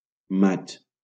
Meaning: May
- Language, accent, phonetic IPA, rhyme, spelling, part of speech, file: Catalan, Valencia, [ˈmat͡ʃ], -atʃ, maig, noun, LL-Q7026 (cat)-maig.wav